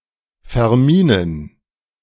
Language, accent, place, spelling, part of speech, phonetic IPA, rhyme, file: German, Germany, Berlin, verminen, verb, [fɛɐ̯ˈmiːnən], -iːnən, De-verminen.ogg
- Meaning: to mine